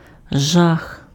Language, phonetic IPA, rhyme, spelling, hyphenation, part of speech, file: Ukrainian, [ʒax], -ax, жах, жах, noun, Uk-жах.ogg
- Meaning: horror, terror, fear, nightmare